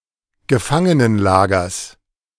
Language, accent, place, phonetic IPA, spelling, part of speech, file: German, Germany, Berlin, [ɡəˈfaŋənənˌlaːɡɐs], Gefangenenlagers, noun, De-Gefangenenlagers.ogg
- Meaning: genitive of Gefangenenlager